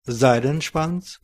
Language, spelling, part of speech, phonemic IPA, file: German, Seidenschwanz, noun, /ˈzaɪ̯dn̩ˌʃvant͡s/, DE-Seidenschwanz.OGG
- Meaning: 1. waxwing (songbird of genus Bombycilla) 2. Bohemian waxwing (Bombycilla garrulus)